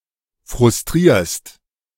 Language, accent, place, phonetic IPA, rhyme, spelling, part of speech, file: German, Germany, Berlin, [fʁʊsˈtʁiːɐ̯st], -iːɐ̯st, frustrierst, verb, De-frustrierst.ogg
- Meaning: second-person singular present of frustrieren